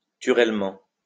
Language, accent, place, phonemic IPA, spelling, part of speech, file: French, France, Lyon, /ty.ʁɛl.mɑ̃/, turellement, adverb, LL-Q150 (fra)-turellement.wav
- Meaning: clipping of naturellement